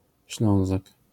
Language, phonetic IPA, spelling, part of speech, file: Polish, [ˈɕlɔ̃w̃zak], Ślązak, noun, LL-Q809 (pol)-Ślązak.wav